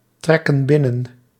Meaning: inflection of binnentrekken: 1. plural present indicative 2. plural present subjunctive
- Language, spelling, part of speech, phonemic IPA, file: Dutch, trekken binnen, verb, /ˈtrɛkə(n) ˈbɪnən/, Nl-trekken binnen.ogg